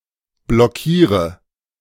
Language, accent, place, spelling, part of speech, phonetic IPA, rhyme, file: German, Germany, Berlin, blockiere, verb, [blɔˈkiːʁə], -iːʁə, De-blockiere.ogg
- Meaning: inflection of blockieren: 1. first-person singular present 2. singular imperative 3. first/third-person singular subjunctive I